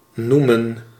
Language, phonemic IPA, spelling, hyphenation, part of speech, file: Dutch, /ˈnumə(n)/, noemen, noe‧men, verb, Nl-noemen.ogg
- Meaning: 1. to call, to name 2. to mention 3. to have as one's name